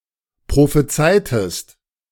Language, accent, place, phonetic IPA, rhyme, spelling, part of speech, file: German, Germany, Berlin, [pʁofeˈt͡saɪ̯təst], -aɪ̯təst, prophezeitest, verb, De-prophezeitest.ogg
- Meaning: inflection of prophezeien: 1. second-person singular preterite 2. second-person singular subjunctive II